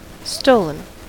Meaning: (verb) past participle of steal; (adjective) That has been stolen; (noun) Something which has been stolen
- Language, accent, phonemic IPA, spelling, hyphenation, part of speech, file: English, US, /ˈstoʊ.ln̩/, stolen, sto‧len, verb / adjective / noun, En-us-stolen.ogg